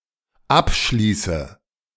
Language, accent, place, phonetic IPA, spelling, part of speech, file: German, Germany, Berlin, [ˈapˌʃliːsə], abschließe, verb, De-abschließe.ogg
- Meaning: inflection of abschließen: 1. first-person singular dependent present 2. first/third-person singular dependent subjunctive I